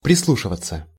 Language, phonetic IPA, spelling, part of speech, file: Russian, [prʲɪsˈɫuʂɨvət͡sə], прислушиваться, verb, Ru-прислушиваться.ogg
- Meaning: 1. to listen to (carefully), to lend an ear 2. to listen to, to heed, to pay attention to